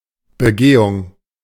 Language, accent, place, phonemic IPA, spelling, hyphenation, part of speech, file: German, Germany, Berlin, /bəˈɡeːʊŋ/, Begehung, Be‧ge‧hung, noun, De-Begehung.ogg
- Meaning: 1. commission (i.e. the act of committing) 2. inspection